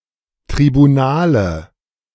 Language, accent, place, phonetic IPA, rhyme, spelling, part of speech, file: German, Germany, Berlin, [tʁibuˈnaːlə], -aːlə, Tribunale, noun, De-Tribunale.ogg
- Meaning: nominative/accusative/genitive plural of Tribunal